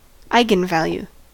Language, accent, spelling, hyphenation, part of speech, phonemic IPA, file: English, US, eigenvalue, ei‧gen‧val‧ue, noun, /ˈaɪ.ɡənˌvæl.ju/, En-us-eigenvalue.ogg